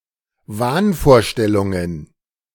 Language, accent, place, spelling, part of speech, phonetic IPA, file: German, Germany, Berlin, Wahnvorstellungen, noun, [ˈvaːnfoːɐ̯ˌʃtɛlʊŋən], De-Wahnvorstellungen.ogg
- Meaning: plural of Wahnvorstellung